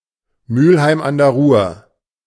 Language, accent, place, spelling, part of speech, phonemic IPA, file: German, Germany, Berlin, Mülheim an der Ruhr, proper noun, /ˈmyːlhaɪm an deːɐ̯ ʁʊːɐ̯/, De-Mülheim an der Ruhr.ogg
- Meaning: Mülheim an der Ruhr (an independent city in North Rhine-Westphalia, Germany)